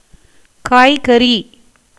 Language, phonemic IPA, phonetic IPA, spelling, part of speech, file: Tamil, /kɑːjɡɐriː/, [käːjɡɐriː], காய்கறி, noun, Ta-காய்கறி.ogg
- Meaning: 1. vegetables 2. unripe fruits and vegetables used to prepare curry